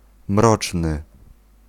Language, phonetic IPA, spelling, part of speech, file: Polish, [ˈmrɔt͡ʃnɨ], mroczny, adjective, Pl-mroczny.ogg